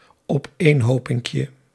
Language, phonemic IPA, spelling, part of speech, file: Dutch, /ɔpˈenhopɪŋkjə/, opeenhopinkje, noun, Nl-opeenhopinkje.ogg
- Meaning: diminutive of opeenhoping